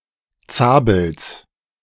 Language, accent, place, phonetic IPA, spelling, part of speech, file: German, Germany, Berlin, [ˈt͡saːbl̩s], Zabels, noun, De-Zabels.ogg
- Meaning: genitive singular of Zabel